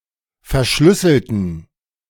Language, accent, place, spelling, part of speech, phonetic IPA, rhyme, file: German, Germany, Berlin, verschlüsselten, adjective / verb, [fɛɐ̯ˈʃlʏsl̩tn̩], -ʏsl̩tn̩, De-verschlüsselten.ogg
- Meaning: inflection of verschlüsseln: 1. first/third-person plural preterite 2. first/third-person plural subjunctive II